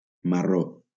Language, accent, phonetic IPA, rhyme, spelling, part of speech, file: Catalan, Valencia, [maˈro], -o, marró, adjective / noun, LL-Q7026 (cat)-marró.wav
- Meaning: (adjective) brown